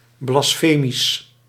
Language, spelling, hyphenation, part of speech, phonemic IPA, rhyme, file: Dutch, blasfemisch, blas‧fe‧misch, adjective, /ˌblɑsˈfeː.mis/, -eːmis, Nl-blasfemisch.ogg
- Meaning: blasphemous, unsacred